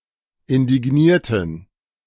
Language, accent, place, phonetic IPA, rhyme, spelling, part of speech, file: German, Germany, Berlin, [ɪndɪˈɡniːɐ̯tn̩], -iːɐ̯tn̩, indignierten, adjective / verb, De-indignierten.ogg
- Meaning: inflection of indigniert: 1. strong genitive masculine/neuter singular 2. weak/mixed genitive/dative all-gender singular 3. strong/weak/mixed accusative masculine singular 4. strong dative plural